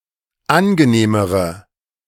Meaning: inflection of angenehm: 1. strong/mixed nominative/accusative feminine singular comparative degree 2. strong nominative/accusative plural comparative degree
- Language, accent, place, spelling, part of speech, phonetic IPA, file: German, Germany, Berlin, angenehmere, adjective, [ˈanɡəˌneːməʁə], De-angenehmere.ogg